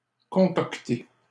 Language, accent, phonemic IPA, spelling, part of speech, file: French, Canada, /kɔ̃.kɔk.te/, concocter, verb, LL-Q150 (fra)-concocter.wav
- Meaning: to concoct